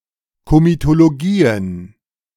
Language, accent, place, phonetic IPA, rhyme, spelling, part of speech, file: German, Germany, Berlin, [ˌkomitoloˈɡiːən], -iːən, Komitologien, noun, De-Komitologien.ogg
- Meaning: plural of Komitologie